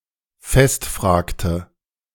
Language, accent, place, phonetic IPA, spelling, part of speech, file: German, Germany, Berlin, [ˈfɛstˌfr̺aːktə], festfragte, verb, De-festfragte.ogg
- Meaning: inflection of festfragen: 1. first/third-person singular preterite 2. first/third-person singular subjunctive II